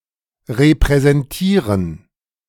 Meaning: to represent (to stand in the place of)
- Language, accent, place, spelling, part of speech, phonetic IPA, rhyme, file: German, Germany, Berlin, repräsentieren, verb, [ʁepʁɛzɛnˈtiːʁən], -iːʁən, De-repräsentieren.ogg